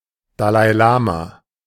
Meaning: Dalai Lama (head of Tibetan Buddhism)
- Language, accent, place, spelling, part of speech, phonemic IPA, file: German, Germany, Berlin, Dalai Lama, noun, /ˌda(ː)laɪ̯ˈlaːma/, De-Dalai Lama.ogg